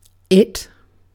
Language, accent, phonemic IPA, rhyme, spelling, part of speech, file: English, UK, /ɪt/, -ɪt, it, pronoun / determiner / noun / adjective, En-uk-it.ogg
- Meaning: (pronoun) The third-person singular neuter personal pronoun used to refer to an inanimate object, abstract entity, or non-human living thing